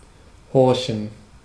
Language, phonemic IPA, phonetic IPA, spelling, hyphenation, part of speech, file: German, /ˈhɔʁçən/, [ˈhɔɐ̯çn̩], horchen, hor‧chen, verb, De-horchen.ogg
- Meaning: 1. to listen closely (to try to hear, especially a weak sound) 2. to heed, to obey